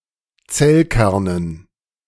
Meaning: dative plural of Zellkern
- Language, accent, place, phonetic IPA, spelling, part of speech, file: German, Germany, Berlin, [ˈt͡sɛlˌkɛʁnən], Zellkernen, noun, De-Zellkernen.ogg